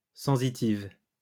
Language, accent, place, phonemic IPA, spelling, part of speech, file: French, France, Lyon, /sɑ̃.si.tiv/, sensitive, adjective / noun, LL-Q150 (fra)-sensitive.wav
- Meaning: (adjective) feminine singular of sensitif; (noun) sensitive plant (Mimosa pudica)